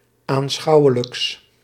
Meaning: partitive of aanschouwelijk
- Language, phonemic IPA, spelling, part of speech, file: Dutch, /anˈsxɑuwələks/, aanschouwelijks, adjective, Nl-aanschouwelijks.ogg